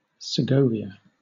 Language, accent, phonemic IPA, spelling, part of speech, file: English, Southern England, /sɪˈɡəʊviə/, Segovia, proper noun, LL-Q1860 (eng)-Segovia.wav
- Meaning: 1. A city in Castile and León, Spain 2. A province of Castile and León, Spain 3. The letter S in the Spanish spelling alphabet